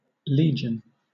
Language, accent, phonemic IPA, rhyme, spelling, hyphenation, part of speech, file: English, Southern England, /ˈliː.d͡ʒən/, -iːdʒən, legion, le‧gion, adjective / noun / verb, LL-Q1860 (eng)-legion.wav
- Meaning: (adjective) Numerous; vast; very great in number; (noun) The major unit or division of the Roman army, usually comprising 3000 to 6000 infantry soldiers and 100 to 200 cavalry troops